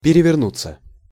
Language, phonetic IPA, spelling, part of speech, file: Russian, [pʲɪrʲɪvʲɪrˈnut͡sːə], перевернуться, verb, Ru-перевернуться.ogg
- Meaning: 1. to turn over, to turn round 2. to capsize, to overturn 3. passive of переверну́ть (perevernútʹ)